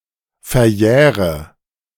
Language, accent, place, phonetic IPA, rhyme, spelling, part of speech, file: German, Germany, Berlin, [fɛɐ̯ˈjɛːʁə], -ɛːʁə, verjähre, verb, De-verjähre.ogg
- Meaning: inflection of verjähren: 1. first-person singular present 2. first/third-person singular subjunctive I 3. singular imperative